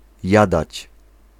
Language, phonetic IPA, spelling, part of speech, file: Polish, [ˈjadat͡ɕ], jadać, verb, Pl-jadać.ogg